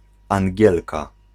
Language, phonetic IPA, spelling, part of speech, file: Polish, [ãŋʲˈɟɛlka], Angielka, noun, Pl-Angielka.ogg